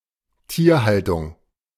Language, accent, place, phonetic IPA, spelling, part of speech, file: German, Germany, Berlin, [ˈtiːɐ̯ˌhaltʊŋ], Tierhaltung, noun, De-Tierhaltung.ogg
- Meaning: animal husbandry